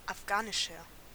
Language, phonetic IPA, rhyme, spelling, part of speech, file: German, [afˈɡaːnɪʃɐ], -aːnɪʃɐ, afghanischer, adjective, De-afghanischer.ogg
- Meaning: 1. comparative degree of afghanisch 2. inflection of afghanisch: strong/mixed nominative masculine singular 3. inflection of afghanisch: strong genitive/dative feminine singular